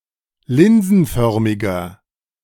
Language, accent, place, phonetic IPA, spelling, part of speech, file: German, Germany, Berlin, [ˈlɪnzn̩ˌfœʁmɪɡɐ], linsenförmiger, adjective, De-linsenförmiger.ogg
- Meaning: inflection of linsenförmig: 1. strong/mixed nominative masculine singular 2. strong genitive/dative feminine singular 3. strong genitive plural